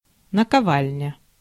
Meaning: 1. anvil 2. incus
- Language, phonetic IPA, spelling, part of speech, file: Russian, [nəkɐˈvalʲnʲə], наковальня, noun, Ru-наковальня.ogg